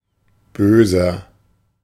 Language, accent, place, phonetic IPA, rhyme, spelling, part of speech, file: German, Germany, Berlin, [ˈbøːzɐ], -øːzɐ, böser, adjective, De-böser.ogg
- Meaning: 1. comparative degree of böse 2. inflection of böse: strong/mixed nominative masculine singular 3. inflection of böse: strong genitive/dative feminine singular